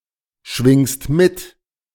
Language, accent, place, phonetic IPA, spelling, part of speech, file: German, Germany, Berlin, [ˌʃvɪŋst ˈmɪt], schwingst mit, verb, De-schwingst mit.ogg
- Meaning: second-person singular present of mitschwingen